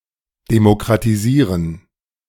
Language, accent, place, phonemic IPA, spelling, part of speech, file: German, Germany, Berlin, /demokʁatiˈziːʁən/, demokratisieren, verb, De-demokratisieren.ogg
- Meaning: to democratize